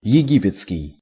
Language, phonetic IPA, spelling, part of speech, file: Russian, [(j)ɪˈɡʲipʲɪt͡skʲɪj], египетский, adjective / noun, Ru-египетский.ogg
- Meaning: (adjective) Egyptian